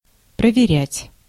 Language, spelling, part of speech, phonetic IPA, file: Russian, проверять, verb, [prəvʲɪˈrʲætʲ], Ru-проверять.ogg
- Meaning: to examine, to check, to control, to verify, to test, to audit